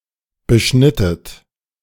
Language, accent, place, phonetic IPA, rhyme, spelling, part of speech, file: German, Germany, Berlin, [bəˈʃnɪtət], -ɪtət, beschnittet, verb, De-beschnittet.ogg
- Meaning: inflection of beschneiden: 1. second-person plural preterite 2. second-person plural subjunctive II